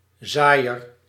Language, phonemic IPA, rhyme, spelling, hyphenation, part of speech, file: Dutch, /ˈzaːi̯.ər/, -aːi̯ər, zaaier, zaai‧er, noun, Nl-zaaier.ogg
- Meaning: sower